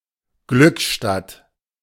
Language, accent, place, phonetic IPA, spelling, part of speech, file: German, Germany, Berlin, [ˈɡlʏkˌʃtat], Glückstadt, proper noun, De-Glückstadt.ogg
- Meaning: Glückstadt (a town in Schleswig-Holstein, Germany)